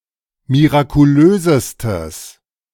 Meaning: strong/mixed nominative/accusative neuter singular superlative degree of mirakulös
- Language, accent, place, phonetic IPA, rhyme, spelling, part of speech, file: German, Germany, Berlin, [miʁakuˈløːzəstəs], -øːzəstəs, mirakulösestes, adjective, De-mirakulösestes.ogg